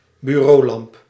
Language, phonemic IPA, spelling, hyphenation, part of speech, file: Dutch, /byˈroːˌlɑmp/, bureaulamp, bu‧reau‧lamp, noun, Nl-bureaulamp.ogg
- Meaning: a desk lamp